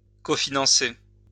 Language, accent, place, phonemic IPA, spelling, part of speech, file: French, France, Lyon, /ko.fi.nɑ̃.se/, cofinancer, verb, LL-Q150 (fra)-cofinancer.wav
- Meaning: to cofinance